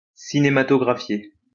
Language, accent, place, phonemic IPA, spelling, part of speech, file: French, France, Lyon, /si.ne.ma.tɔ.ɡʁa.fje/, cinématographier, verb, LL-Q150 (fra)-cinématographier.wav
- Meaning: to cinematograph